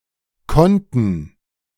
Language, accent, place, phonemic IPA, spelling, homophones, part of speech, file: German, Germany, Berlin, /ˈkɔntən/, konnten, Konten, verb, De-konnten.ogg
- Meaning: first/third-person plural preterite of können